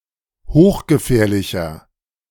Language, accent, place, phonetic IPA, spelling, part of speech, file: German, Germany, Berlin, [ˈhoːxɡəˌfɛːɐ̯lɪçɐ], hochgefährlicher, adjective, De-hochgefährlicher.ogg
- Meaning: inflection of hochgefährlich: 1. strong/mixed nominative masculine singular 2. strong genitive/dative feminine singular 3. strong genitive plural